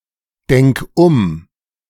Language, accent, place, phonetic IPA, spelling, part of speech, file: German, Germany, Berlin, [ˌdɛŋk ˈʊm], denk um, verb, De-denk um.ogg
- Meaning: singular imperative of umdenken